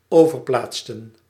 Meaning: to transfer
- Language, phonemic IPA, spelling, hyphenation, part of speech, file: Dutch, /ˈoː.vərˌplaːt.sə(n)/, overplaatsen, over‧plaat‧sen, verb, Nl-overplaatsen.ogg